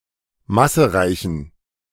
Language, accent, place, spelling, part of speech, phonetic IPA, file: German, Germany, Berlin, massereichen, adjective, [ˈmasəˌʁaɪ̯çn̩], De-massereichen.ogg
- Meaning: inflection of massereich: 1. strong genitive masculine/neuter singular 2. weak/mixed genitive/dative all-gender singular 3. strong/weak/mixed accusative masculine singular 4. strong dative plural